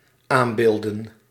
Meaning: plural of aambeeld
- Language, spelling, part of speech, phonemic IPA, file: Dutch, aambeelden, noun, /ˈambeldə(n)/, Nl-aambeelden.ogg